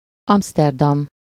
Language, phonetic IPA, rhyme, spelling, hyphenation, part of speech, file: Hungarian, [ˈɒmstɛrdɒm], -ɒm, Amszterdam, Amsz‧ter‧dam, proper noun, Hu-Amszterdam.ogg
- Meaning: Amsterdam (the capital city of the Netherlands)